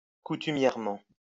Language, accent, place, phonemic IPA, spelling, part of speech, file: French, France, Lyon, /ku.ty.mjɛʁ.mɑ̃/, coutumièrement, adverb, LL-Q150 (fra)-coutumièrement.wav
- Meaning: customarily; usually; habitually